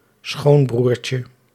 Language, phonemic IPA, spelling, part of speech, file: Dutch, /ˈsxombrurcə/, schoonbroertje, noun, Nl-schoonbroertje.ogg
- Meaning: diminutive of schoonbroer